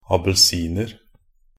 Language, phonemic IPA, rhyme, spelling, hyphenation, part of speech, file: Norwegian Bokmål, /abəlˈsiːnər/, -ər, abelsiner, a‧bel‧sin‧er, noun, Nb-abelsiner.ogg
- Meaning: indefinite plural of abelsin